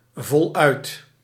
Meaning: in full, without abbreviations
- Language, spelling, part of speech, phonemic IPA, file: Dutch, voluit, adverb, /vɔˈlœyt/, Nl-voluit.ogg